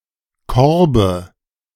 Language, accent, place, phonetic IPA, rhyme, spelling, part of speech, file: German, Germany, Berlin, [ˈkɔʁbə], -ɔʁbə, Korbe, noun, De-Korbe.ogg
- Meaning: dative singular of Korb